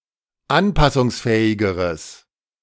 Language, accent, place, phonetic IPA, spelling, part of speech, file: German, Germany, Berlin, [ˈanpasʊŋsˌfɛːɪɡəʁəs], anpassungsfähigeres, adjective, De-anpassungsfähigeres.ogg
- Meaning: strong/mixed nominative/accusative neuter singular comparative degree of anpassungsfähig